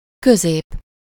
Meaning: middle, center
- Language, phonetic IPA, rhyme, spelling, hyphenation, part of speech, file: Hungarian, [ˈkøzeːp], -eːp, közép, kö‧zép, noun, Hu-közép.ogg